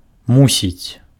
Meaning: must; to have to
- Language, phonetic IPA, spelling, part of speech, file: Belarusian, [ˈmusʲit͡sʲ], мусіць, verb, Be-мусіць.ogg